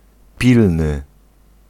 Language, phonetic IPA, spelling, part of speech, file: Polish, [ˈpʲilnɨ], pilny, adjective, Pl-pilny.ogg